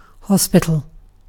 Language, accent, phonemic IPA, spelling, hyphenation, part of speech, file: English, UK, /ˈhɒs.pɪ.tl̩/, hospital, hos‧pit‧al, noun / adjective, En-uk-hospital.ogg
- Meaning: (noun) A large medical facility, usually in a building with multiple floors, where seriously ill or injured patients are given extensive medical or surgical treatment